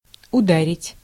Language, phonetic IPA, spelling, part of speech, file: Russian, [ʊˈdarʲɪtʲ], ударить, verb, Ru-ударить.ogg
- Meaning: 1. to strike, to knock, to hit, to punch 2. to butt, to bump 3. to kick 4. to set about, to start, to set in 5. to attack